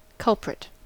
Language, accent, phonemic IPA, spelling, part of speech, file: English, US, /ˈkʌlpɹɪt/, culprit, noun, En-us-culprit.ogg
- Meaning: 1. The person or thing at fault for a problem or crime 2. A prisoner accused but not yet tried